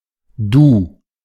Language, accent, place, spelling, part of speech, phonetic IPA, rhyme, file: German, Germany, Berlin, Du, noun / proper noun, [duː], -uː, De-Du.ogg
- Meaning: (pronoun) alternative letter-case form of du (“you (singular)”), used especially for direct address in letters; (noun) the thou, the you (singular)